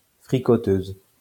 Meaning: feminine singular of fricoteur
- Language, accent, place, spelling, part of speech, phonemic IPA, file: French, France, Lyon, fricoteuse, adjective, /fʁi.kɔ.tøz/, LL-Q150 (fra)-fricoteuse.wav